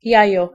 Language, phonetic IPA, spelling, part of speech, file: Polish, [ˈjäjɔ], jajo, noun, Pl-jajo.ogg